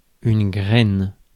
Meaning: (noun) 1. seed (fertilized grain) 2. dick, penis; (verb) inflection of grainer: 1. first/third-person singular present indicative/subjunctive 2. second-person singular imperative
- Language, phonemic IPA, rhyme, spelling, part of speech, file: French, /ɡʁɛn/, -ɛn, graine, noun / verb, Fr-graine.ogg